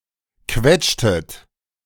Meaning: inflection of quetschen: 1. second-person plural preterite 2. second-person plural subjunctive II
- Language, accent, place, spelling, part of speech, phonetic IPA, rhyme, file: German, Germany, Berlin, quetschtet, verb, [ˈkvɛt͡ʃtət], -ɛt͡ʃtət, De-quetschtet.ogg